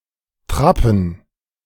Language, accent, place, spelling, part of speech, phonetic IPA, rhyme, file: German, Germany, Berlin, Trappen, noun, [ˈtʁapn̩], -apn̩, De-Trappen.ogg
- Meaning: plural of Trappe